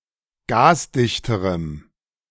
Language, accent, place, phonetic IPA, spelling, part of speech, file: German, Germany, Berlin, [ˈɡaːsˌdɪçtəʁəm], gasdichterem, adjective, De-gasdichterem.ogg
- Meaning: strong dative masculine/neuter singular comparative degree of gasdicht